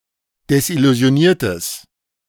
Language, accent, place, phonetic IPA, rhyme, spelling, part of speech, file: German, Germany, Berlin, [dɛsʔɪluzi̯oˈniːɐ̯təs], -iːɐ̯təs, desillusioniertes, adjective, De-desillusioniertes.ogg
- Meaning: strong/mixed nominative/accusative neuter singular of desillusioniert